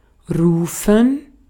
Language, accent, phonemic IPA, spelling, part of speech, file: German, Austria, /ˈʁuːfən/, rufen, verb, De-at-rufen.ogg
- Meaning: 1. to call out, to shout, to cry (of a person or animal) 2. to call for, to request the presence of 3. to call, to request the presence of 4. to call, to shout (an order, a statement, someone's name)